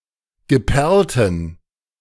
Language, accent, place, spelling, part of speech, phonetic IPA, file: German, Germany, Berlin, geperlten, adjective, [ɡəˈpɛʁltn̩], De-geperlten.ogg
- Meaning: inflection of geperlt: 1. strong genitive masculine/neuter singular 2. weak/mixed genitive/dative all-gender singular 3. strong/weak/mixed accusative masculine singular 4. strong dative plural